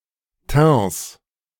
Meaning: 1. genitive singular of Teint 2. plural of Teint
- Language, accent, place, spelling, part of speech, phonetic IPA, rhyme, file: German, Germany, Berlin, Teints, noun, [tɛ̃ːs], -ɛ̃ːs, De-Teints.ogg